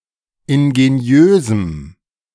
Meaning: strong dative masculine/neuter singular of ingeniös
- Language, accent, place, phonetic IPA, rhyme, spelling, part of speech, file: German, Germany, Berlin, [ɪnɡeˈni̯øːzm̩], -øːzm̩, ingeniösem, adjective, De-ingeniösem.ogg